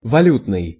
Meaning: currency; monetary
- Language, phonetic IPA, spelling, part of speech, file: Russian, [vɐˈlʲutnɨj], валютный, adjective, Ru-валютный.ogg